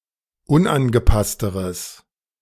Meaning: strong/mixed nominative/accusative neuter singular comparative degree of unangepasst
- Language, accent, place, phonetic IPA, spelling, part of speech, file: German, Germany, Berlin, [ˈʊnʔanɡəˌpastəʁəs], unangepassteres, adjective, De-unangepassteres.ogg